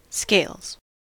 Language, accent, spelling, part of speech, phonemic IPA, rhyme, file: English, US, scales, noun / verb, /skeɪlz/, -eɪlz, En-us-scales.ogg
- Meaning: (noun) 1. plural of scale 2. A device for measuring weight; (verb) third-person singular simple present indicative of scale